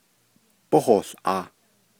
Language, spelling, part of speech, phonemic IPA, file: Navajo, bóhoołʼaah, verb, /póhòːɬʔɑ̀ːh/, Nv-bóhoołʼaah.ogg
- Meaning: second-person singular imperfective of yíhoołʼaah